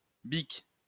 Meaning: 1. disposable ballpoint pen, stick pen; Bic, Biro (Britain, Australia, New Zealand) 2. disposable lighter; Bic
- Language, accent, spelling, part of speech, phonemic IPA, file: French, France, bic, noun, /bik/, LL-Q150 (fra)-bic.wav